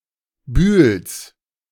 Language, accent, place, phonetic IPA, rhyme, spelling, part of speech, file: German, Germany, Berlin, [byːls], -yːls, Bühls, noun, De-Bühls.ogg
- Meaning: genitive of Bühl